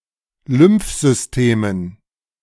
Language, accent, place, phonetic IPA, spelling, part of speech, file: German, Germany, Berlin, [ˈlʏmfzʏsteːmən], Lymphsystemen, noun, De-Lymphsystemen.ogg
- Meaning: dative plural of Lymphsystem